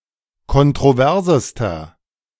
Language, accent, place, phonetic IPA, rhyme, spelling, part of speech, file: German, Germany, Berlin, [kɔntʁoˈvɛʁzəstɐ], -ɛʁzəstɐ, kontroversester, adjective, De-kontroversester.ogg
- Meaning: inflection of kontrovers: 1. strong/mixed nominative masculine singular superlative degree 2. strong genitive/dative feminine singular superlative degree 3. strong genitive plural superlative degree